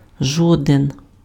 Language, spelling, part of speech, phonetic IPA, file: Ukrainian, жоден, adjective, [ˈʒɔden], Uk-жоден.ogg
- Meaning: short form of жо́дний (žódnyj)